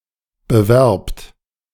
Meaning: inflection of bewerben: 1. second-person plural present 2. plural imperative
- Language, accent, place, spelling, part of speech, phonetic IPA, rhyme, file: German, Germany, Berlin, bewerbt, verb, [bəˈvɛʁpt], -ɛʁpt, De-bewerbt.ogg